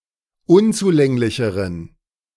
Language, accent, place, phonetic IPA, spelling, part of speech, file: German, Germany, Berlin, [ˈʊnt͡suˌlɛŋlɪçəʁən], unzulänglicheren, adjective, De-unzulänglicheren.ogg
- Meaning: inflection of unzulänglich: 1. strong genitive masculine/neuter singular comparative degree 2. weak/mixed genitive/dative all-gender singular comparative degree